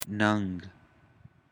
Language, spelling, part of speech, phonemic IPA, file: Pashto, ننګ, noun, /nəŋɡ/, ننګ.ogg
- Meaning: honour, honor